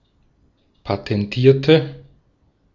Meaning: inflection of patentieren: 1. first/third-person singular preterite 2. first/third-person singular subjunctive II
- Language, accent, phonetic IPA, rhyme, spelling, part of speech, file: German, Austria, [patɛnˈtiːɐ̯tə], -iːɐ̯tə, patentierte, adjective / verb, De-at-patentierte.ogg